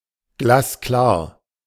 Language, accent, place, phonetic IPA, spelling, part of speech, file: German, Germany, Berlin, [ˈɡlaːsˈklaː(ɐ̯)], glasklar, adjective, De-glasklar.ogg
- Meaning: 1. crystal-clear, limpid (highly transparent and clean) 2. crystal-clear (discernible, without ambiguity or doubt)